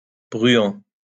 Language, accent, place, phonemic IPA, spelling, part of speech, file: French, France, Lyon, /bʁy.ɑ̃/, bruant, noun, LL-Q150 (fra)-bruant.wav
- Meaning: Any of a large number of passerine birds, roughly equivalent to, but not restricted to, the buntings and sparrows